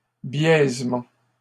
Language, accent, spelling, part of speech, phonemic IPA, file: French, Canada, biaisement, noun, /bjɛz.mɑ̃/, LL-Q150 (fra)-biaisement.wav
- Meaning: slant, skewing